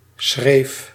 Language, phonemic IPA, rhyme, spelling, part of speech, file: Dutch, /sxreːf/, -eːf, schreef, noun / verb, Nl-schreef.ogg
- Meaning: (noun) 1. line, stroke of the pen 2. border (over de schreef: across the border) 3. a decoration at the end of lines which make up letters; a serif; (verb) singular past indicative of schrijven